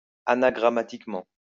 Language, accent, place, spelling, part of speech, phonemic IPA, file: French, France, Lyon, anagrammatiquement, adverb, /a.na.ɡʁa.ma.tik.mɑ̃/, LL-Q150 (fra)-anagrammatiquement.wav
- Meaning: anagrammatically